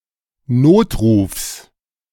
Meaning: genitive singular of Notruf
- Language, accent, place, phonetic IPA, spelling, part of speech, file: German, Germany, Berlin, [ˈnoːtˌʁuːfs], Notrufs, noun, De-Notrufs.ogg